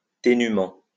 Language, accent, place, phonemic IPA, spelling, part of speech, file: French, France, Lyon, /te.ny.mɑ̃/, ténûment, adverb, LL-Q150 (fra)-ténûment.wav
- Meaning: tenuously